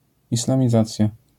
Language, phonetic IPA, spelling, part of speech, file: Polish, [ˌislãmʲiˈzat͡sʲja], islamizacja, noun, LL-Q809 (pol)-islamizacja.wav